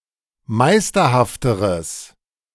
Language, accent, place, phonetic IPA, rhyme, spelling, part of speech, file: German, Germany, Berlin, [ˈmaɪ̯stɐhaftəʁəs], -aɪ̯stɐhaftəʁəs, meisterhafteres, adjective, De-meisterhafteres.ogg
- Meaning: strong/mixed nominative/accusative neuter singular comparative degree of meisterhaft